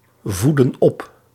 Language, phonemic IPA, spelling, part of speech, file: Dutch, /ˈvudə(n) ˈɔp/, voedden op, verb, Nl-voedden op.ogg
- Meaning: inflection of opvoeden: 1. plural past indicative 2. plural past subjunctive